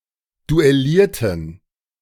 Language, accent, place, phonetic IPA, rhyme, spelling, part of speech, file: German, Germany, Berlin, [duɛˈliːɐ̯tn̩], -iːɐ̯tn̩, duellierten, adjective / verb, De-duellierten.ogg
- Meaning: inflection of duellieren: 1. first/third-person plural preterite 2. first/third-person plural subjunctive II